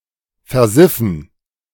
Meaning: to become filthy, dirty, especially with moist or greasy dirt (hence often said e.g. of bathrooms or kitchens)
- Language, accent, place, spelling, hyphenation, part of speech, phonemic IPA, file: German, Germany, Berlin, versiffen, ver‧sif‧fen, verb, /feʁˈzɪfən/, De-versiffen.ogg